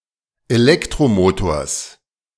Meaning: genitive singular of Elektromotor
- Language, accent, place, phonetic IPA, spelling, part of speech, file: German, Germany, Berlin, [eˈlɛktʁoˌmoːtoːɐ̯s], Elektromotors, noun, De-Elektromotors.ogg